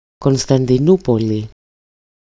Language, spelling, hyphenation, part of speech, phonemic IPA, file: Greek, Κωνσταντινούπολη, Κων‧στα‧ντι‧νού‧πο‧λη, proper noun, /ko(n).sta(n).diˈnu.po.li/, EL-Κωνσταντινούπολη.ogg
- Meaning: Istanbul, Constantinople (the largest city and province of Turkey; the former capital of the Ottoman Empire and the Byzantine Empire)